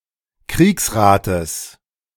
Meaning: genitive singular of Kriegsrat
- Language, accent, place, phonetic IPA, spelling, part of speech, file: German, Germany, Berlin, [ˈkʁiːksˌʁaːtəs], Kriegsrates, noun, De-Kriegsrates.ogg